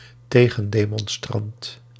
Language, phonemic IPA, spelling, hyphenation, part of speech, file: Dutch, /ˈteː.ɣə(n).deː.mɔnˌstrɑnt/, tegendemonstrant, te‧gen‧de‧mon‧strant, noun, Nl-tegendemonstrant.ogg
- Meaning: counterdemonstrator